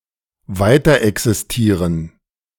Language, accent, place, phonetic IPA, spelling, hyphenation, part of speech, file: German, Germany, Berlin, [ˈvaɪ̯tɐʔɛksɪsˌtiːʁən], weiterexistieren, wei‧ter‧exis‧tie‧ren, verb, De-weiterexistieren.ogg
- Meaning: to continue existing